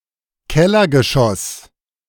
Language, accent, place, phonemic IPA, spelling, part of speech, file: German, Germany, Berlin, /ˈkɛlɐɡəˌʃɔs/, Kellergeschoss, noun, De-Kellergeschoss.ogg
- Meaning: basement